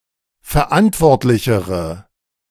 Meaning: inflection of verantwortlich: 1. strong/mixed nominative/accusative feminine singular comparative degree 2. strong nominative/accusative plural comparative degree
- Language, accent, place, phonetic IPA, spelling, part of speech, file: German, Germany, Berlin, [fɛɐ̯ˈʔantvɔʁtlɪçəʁə], verantwortlichere, adjective, De-verantwortlichere.ogg